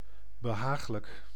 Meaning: pleasant, agreeable, comfortable
- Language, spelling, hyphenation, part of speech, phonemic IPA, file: Dutch, behaaglijk, be‧haag‧lijk, adjective, /bəˈɦaːx.lək/, Nl-behaaglijk.ogg